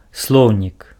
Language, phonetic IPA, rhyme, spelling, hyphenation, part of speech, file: Belarusian, [ˈsɫou̯nʲik], -ou̯nʲik, слоўнік, слоў‧нік, noun, Be-слоўнік.ogg
- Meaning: dictionary (a book in which words are collected and arranged in a specific order, usually alphabetically, with an explanation or with a translation into another language)